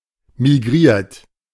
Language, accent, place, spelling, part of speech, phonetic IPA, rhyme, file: German, Germany, Berlin, migriert, verb, [miˈɡʁiːɐ̯t], -iːɐ̯t, De-migriert.ogg
- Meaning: 1. past participle of migrieren 2. inflection of migrieren: third-person singular present 3. inflection of migrieren: second-person plural present 4. inflection of migrieren: plural imperative